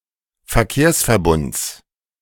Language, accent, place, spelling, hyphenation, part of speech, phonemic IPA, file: German, Germany, Berlin, Verkehrsverbunds, Ver‧kehrs‧ver‧bunds, noun, /fɛɐ̯ˈkeːɐ̯s.fɛɐ̯ˌbʊnt͡s/, De-Verkehrsverbunds.ogg
- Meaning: genitive of Verkehrsverbund